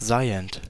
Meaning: present participle of sein
- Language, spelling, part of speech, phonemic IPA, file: German, seiend, verb, /ˈzaɪ̯ənt/, De-seiend.ogg